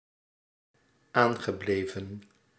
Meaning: past participle of aanblijven
- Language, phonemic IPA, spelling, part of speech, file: Dutch, /ˈaŋɣəˌblevə(n)/, aangebleven, verb, Nl-aangebleven.ogg